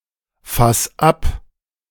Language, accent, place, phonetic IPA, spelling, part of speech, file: German, Germany, Berlin, [ˌfas ˈap], fass ab, verb, De-fass ab.ogg
- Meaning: 1. singular imperative of abfassen 2. first-person singular present of abfassen